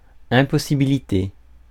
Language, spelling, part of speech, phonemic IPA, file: French, impossibilité, noun, /ɛ̃.pɔ.si.bi.li.te/, Fr-impossibilité.ogg
- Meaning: impossibility (the quality of being impossible)